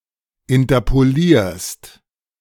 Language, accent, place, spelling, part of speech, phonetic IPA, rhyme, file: German, Germany, Berlin, interpolierst, verb, [ɪntɐpoˈliːɐ̯st], -iːɐ̯st, De-interpolierst.ogg
- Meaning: second-person singular present of interpolieren